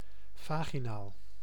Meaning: vaginal (of the vagina)
- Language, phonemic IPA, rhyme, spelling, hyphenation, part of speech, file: Dutch, /vaːɣiˈnaːl/, -aːl, vaginaal, va‧gi‧naal, adjective, Nl-vaginaal.ogg